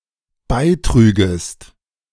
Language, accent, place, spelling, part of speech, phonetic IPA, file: German, Germany, Berlin, beitrügest, verb, [ˈbaɪ̯ˌtʁyːɡəst], De-beitrügest.ogg
- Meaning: second-person singular dependent subjunctive II of beitragen